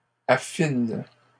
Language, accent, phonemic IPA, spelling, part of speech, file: French, Canada, /a.fin/, affinent, verb, LL-Q150 (fra)-affinent.wav
- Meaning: third-person plural present indicative/subjunctive of affiner